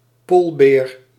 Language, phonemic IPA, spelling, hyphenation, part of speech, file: Dutch, /ˈpoːl.beːr/, poolbeer, pool‧beer, noun, Nl-poolbeer.ogg
- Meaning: polar bear